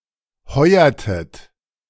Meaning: inflection of heuern: 1. second-person plural preterite 2. second-person plural subjunctive II
- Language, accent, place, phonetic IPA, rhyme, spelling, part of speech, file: German, Germany, Berlin, [ˈhɔɪ̯ɐtət], -ɔɪ̯ɐtət, heuertet, verb, De-heuertet.ogg